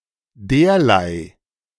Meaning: this kind / type / sort
- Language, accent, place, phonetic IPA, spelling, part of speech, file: German, Germany, Berlin, [ˈdeːɐ̯laɪ̯], derlei, pronoun, De-derlei.ogg